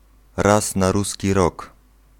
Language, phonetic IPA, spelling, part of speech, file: Polish, [ˈras na‿ˈrusʲci ˈrɔk], raz na ruski rok, adverbial phrase, Pl-raz na ruski rok.ogg